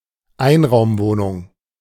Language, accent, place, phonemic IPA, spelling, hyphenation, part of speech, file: German, Germany, Berlin, /ˈaɪ̯nʁaʊ̯mˌvoːnʊŋ/, Einraumwohnung, Ein‧raum‧woh‧nung, noun, De-Einraumwohnung.ogg
- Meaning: single-room apartment; efficiency apartment; bachelor apartment